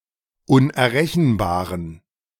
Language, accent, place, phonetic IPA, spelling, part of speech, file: German, Germany, Berlin, [ʊnʔɛɐ̯ˈʁɛçn̩baːʁən], unerrechenbaren, adjective, De-unerrechenbaren.ogg
- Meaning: inflection of unerrechenbar: 1. strong genitive masculine/neuter singular 2. weak/mixed genitive/dative all-gender singular 3. strong/weak/mixed accusative masculine singular 4. strong dative plural